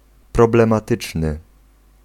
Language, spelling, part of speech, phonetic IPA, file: Polish, problematyczny, adjective, [ˌprɔblɛ̃maˈtɨt͡ʃnɨ], Pl-problematyczny.ogg